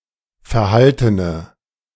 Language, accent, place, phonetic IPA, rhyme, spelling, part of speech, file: German, Germany, Berlin, [fɛɐ̯ˈhaltənə], -altənə, verhaltene, adjective, De-verhaltene.ogg
- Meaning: inflection of verhalten: 1. strong/mixed nominative/accusative feminine singular 2. strong nominative/accusative plural 3. weak nominative all-gender singular